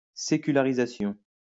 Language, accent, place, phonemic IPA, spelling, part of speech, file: French, France, Lyon, /se.ky.la.ʁi.za.sjɔ̃/, sécularisation, noun, LL-Q150 (fra)-sécularisation.wav
- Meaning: secularization